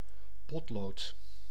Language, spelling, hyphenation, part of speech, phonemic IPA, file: Dutch, potlood, pot‧lood, noun, /ˈpɔt.loːt/, Nl-potlood.ogg
- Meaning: 1. a pencil 2. graphite 3. graphite powder